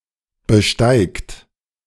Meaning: inflection of besteigen: 1. third-person singular present 2. second-person plural present 3. plural imperative
- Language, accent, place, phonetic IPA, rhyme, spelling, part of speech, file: German, Germany, Berlin, [bəˈʃtaɪ̯kt], -aɪ̯kt, besteigt, verb, De-besteigt.ogg